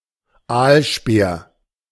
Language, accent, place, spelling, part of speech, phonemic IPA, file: German, Germany, Berlin, Aalspeer, noun, /ˈaːlˌʃpeːɐ̯/, De-Aalspeer.ogg
- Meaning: eelspear